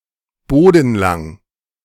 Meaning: floor-length
- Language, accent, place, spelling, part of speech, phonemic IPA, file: German, Germany, Berlin, bodenlang, adjective, /ˈboːdn̩ˌlaŋ/, De-bodenlang.ogg